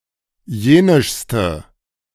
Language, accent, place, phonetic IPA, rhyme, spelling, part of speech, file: German, Germany, Berlin, [ˈjeːnɪʃstə], -eːnɪʃstə, jenischste, adjective, De-jenischste.ogg
- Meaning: inflection of jenisch: 1. strong/mixed nominative/accusative feminine singular superlative degree 2. strong nominative/accusative plural superlative degree